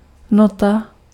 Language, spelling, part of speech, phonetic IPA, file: Czech, nota, noun, [ˈnota], Cs-nota.ogg
- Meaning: 1. tone 2. note